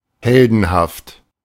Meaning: heroic
- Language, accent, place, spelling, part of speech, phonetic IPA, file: German, Germany, Berlin, heldenhaft, adjective, [ˈhɛldn̩haft], De-heldenhaft.ogg